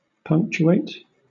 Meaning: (verb) 1. To add punctuation to 2. To add or to interrupt at regular intervals 3. To emphasize; to stress; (adjective) Point-like; consisting of or marked with one or more points
- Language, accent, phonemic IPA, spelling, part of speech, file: English, Southern England, /ˈpʰʌŋktjuːeɪt/, punctuate, verb / adjective, LL-Q1860 (eng)-punctuate.wav